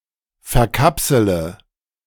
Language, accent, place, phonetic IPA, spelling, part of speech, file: German, Germany, Berlin, [fɛɐ̯ˈkapsələ], verkapsele, verb, De-verkapsele.ogg
- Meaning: inflection of verkapseln: 1. first-person singular present 2. first/third-person singular subjunctive I 3. singular imperative